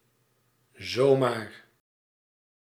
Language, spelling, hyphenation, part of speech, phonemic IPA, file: Dutch, zomaar, zo‧maar, adverb, /ˈzoː.maːr/, Nl-zomaar.ogg
- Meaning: just because; for no reason, out of the blue